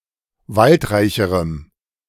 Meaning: strong dative masculine/neuter singular comparative degree of waldreich
- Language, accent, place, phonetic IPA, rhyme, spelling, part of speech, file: German, Germany, Berlin, [ˈvaltˌʁaɪ̯çəʁəm], -altʁaɪ̯çəʁəm, waldreicherem, adjective, De-waldreicherem.ogg